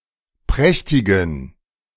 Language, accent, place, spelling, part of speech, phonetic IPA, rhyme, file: German, Germany, Berlin, prächtigen, adjective, [ˈpʁɛçtɪɡn̩], -ɛçtɪɡn̩, De-prächtigen.ogg
- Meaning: inflection of prächtig: 1. strong genitive masculine/neuter singular 2. weak/mixed genitive/dative all-gender singular 3. strong/weak/mixed accusative masculine singular 4. strong dative plural